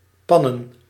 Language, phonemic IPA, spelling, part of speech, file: Dutch, /pɑnə(n)/, pannen, noun, Nl-pannen.ogg
- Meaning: plural of pan